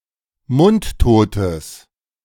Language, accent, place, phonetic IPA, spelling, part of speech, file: German, Germany, Berlin, [ˈmʊntˌtoːtəs], mundtotes, adjective, De-mundtotes.ogg
- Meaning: strong/mixed nominative/accusative neuter singular of mundtot